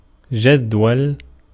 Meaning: 1. creek, brook, little stream 2. column, rubric of a table or index or book 3. tabulated form, list, roster, index, chart, table, schedule
- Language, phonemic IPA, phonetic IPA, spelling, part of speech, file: Arabic, /d͡ʒad.wal/, [ˈd͡ʒɐd̪.wɐl], جدول, noun, Ar-جدول.ogg